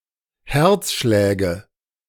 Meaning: nominative/accusative/genitive plural of Herzschlag
- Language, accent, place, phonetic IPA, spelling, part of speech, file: German, Germany, Berlin, [ˈhɛʁt͡sˌʃlɛːɡə], Herzschläge, noun, De-Herzschläge.ogg